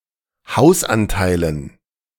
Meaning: dative plural of Hausanteil
- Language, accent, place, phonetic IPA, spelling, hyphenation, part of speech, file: German, Germany, Berlin, [ˈhaʊ̯sʔanˌtaɪ̯lən], Hausanteilen, Haus‧an‧tei‧len, noun, De-Hausanteilen.ogg